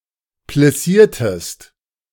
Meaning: inflection of plissieren: 1. second-person singular preterite 2. second-person singular subjunctive II
- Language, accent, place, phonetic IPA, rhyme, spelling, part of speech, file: German, Germany, Berlin, [plɪˈsiːɐ̯təst], -iːɐ̯təst, plissiertest, verb, De-plissiertest.ogg